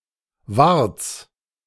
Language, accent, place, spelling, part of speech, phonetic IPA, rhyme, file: German, Germany, Berlin, Warts, noun, [vaʁt͡s], -aʁt͡s, De-Warts.ogg
- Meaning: genitive singular of Wart